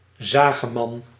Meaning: a whiner, a man who regularly complains or whinges
- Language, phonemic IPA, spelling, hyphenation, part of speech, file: Dutch, /ˈzaː.ɣəˌmɑn/, zageman, za‧ge‧man, noun, Nl-zageman.ogg